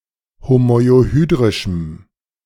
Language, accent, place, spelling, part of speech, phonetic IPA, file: German, Germany, Berlin, homoiohydrischem, adjective, [homɔɪ̯oˈhyːdʁɪʃm̩], De-homoiohydrischem.ogg
- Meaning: strong dative masculine/neuter singular of homoiohydrisch